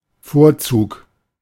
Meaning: 1. precedence, priority, preference 2. asset, merit
- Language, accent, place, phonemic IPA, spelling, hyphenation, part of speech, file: German, Germany, Berlin, /ˈfoːɐ̯tsuːk/, Vorzug, Vor‧zug, noun, De-Vorzug.ogg